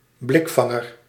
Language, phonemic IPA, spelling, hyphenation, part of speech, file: Dutch, /ˈblɪkˌfɑ.ŋər/, blikvanger, blik‧van‧ger, noun, Nl-blikvanger.ogg
- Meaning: 1. eyecatcher 2. can catcher